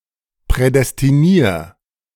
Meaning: 1. singular imperative of prädestinieren 2. first-person singular present of prädestinieren
- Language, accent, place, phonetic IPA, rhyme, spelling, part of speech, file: German, Germany, Berlin, [pʁɛdɛstiˈniːɐ̯], -iːɐ̯, prädestinier, verb, De-prädestinier.ogg